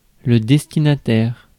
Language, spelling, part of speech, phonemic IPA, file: French, destinataire, noun, /dɛs.ti.na.tɛʁ/, Fr-destinataire.ogg
- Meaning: recipient, addressee